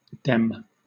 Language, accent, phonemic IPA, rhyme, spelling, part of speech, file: English, Southern England, /dɛm/, -ɛm, dem, pronoun / determiner, LL-Q1860 (eng)-dem.wav
- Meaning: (pronoun) Nonstandard form of them; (determiner) 1. Nonstandard form of them, in the sense of "those" 2. (clitic, suffix) A group of